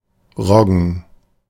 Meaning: rye
- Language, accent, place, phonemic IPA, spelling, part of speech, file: German, Germany, Berlin, /ʁɔɡən/, Roggen, noun, De-Roggen.ogg